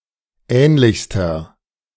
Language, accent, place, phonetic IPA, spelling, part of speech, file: German, Germany, Berlin, [ˈɛːnlɪçstɐ], ähnlichster, adjective, De-ähnlichster.ogg
- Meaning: inflection of ähnlich: 1. strong/mixed nominative masculine singular superlative degree 2. strong genitive/dative feminine singular superlative degree 3. strong genitive plural superlative degree